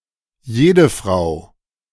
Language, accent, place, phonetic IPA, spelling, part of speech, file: German, Germany, Berlin, [ˈjeːdəˌfʁaʊ̯], jedefrau, pronoun, De-jedefrau.ogg
- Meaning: everyone